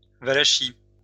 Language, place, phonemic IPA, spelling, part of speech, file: French, Lyon, /va.la.ki/, Valachie, proper noun, LL-Q150 (fra)-Valachie.wav
- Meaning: Wallachia (a historical region and former principality in Eastern Europe, now part of southern Romania)